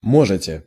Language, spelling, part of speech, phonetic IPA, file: Russian, можете, verb, [ˈmoʐɨtʲe], Ru-можете.ogg
- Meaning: second-person plural present indicative imperfective of мочь (močʹ)